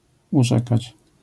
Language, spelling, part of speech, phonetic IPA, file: Polish, urzekać, verb, [uˈʒɛkat͡ɕ], LL-Q809 (pol)-urzekać.wav